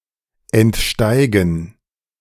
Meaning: to get out of
- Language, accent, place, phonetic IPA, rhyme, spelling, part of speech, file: German, Germany, Berlin, [ɛntˈʃtaɪ̯ɡn̩], -aɪ̯ɡn̩, entsteigen, verb, De-entsteigen.ogg